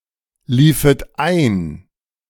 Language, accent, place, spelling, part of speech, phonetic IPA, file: German, Germany, Berlin, liefet ein, verb, [ˌliːfət ˈaɪ̯n], De-liefet ein.ogg
- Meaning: second-person plural subjunctive II of einlaufen